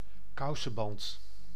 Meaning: 1. garter 2. yardlong bean, asparagus bean (Vigna unguiculata subsp. sesquipedalis)
- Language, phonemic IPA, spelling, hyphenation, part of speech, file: Dutch, /ˈkɑu.sə(n)ˌbɑnt/, kousenband, kou‧sen‧band, noun, Nl-kousenband.ogg